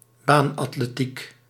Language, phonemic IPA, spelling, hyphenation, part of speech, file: Dutch, /ˈbaːn.ɑt.leːˌtik/, baanatletiek, baan‧at‧le‧tiek, noun, Nl-baanatletiek.ogg
- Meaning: athletics on the track, as opposed to field or road athletics